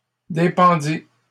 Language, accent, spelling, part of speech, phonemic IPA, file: French, Canada, dépendit, verb, /de.pɑ̃.di/, LL-Q150 (fra)-dépendit.wav
- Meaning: third-person singular past historic of dépendre